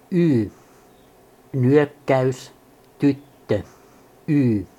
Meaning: The twenty-fourth letter of the Finnish alphabet, called yy and written in the Latin script
- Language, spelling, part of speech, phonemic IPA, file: Finnish, y, character, /y/, Fi-y.ogg